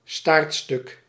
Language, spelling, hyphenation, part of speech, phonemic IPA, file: Dutch, staartstuk, staart‧stuk, noun, /ˈstartstʏk/, Nl-staartstuk.ogg
- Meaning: tailpiece (e.g. of a violin or an airplane)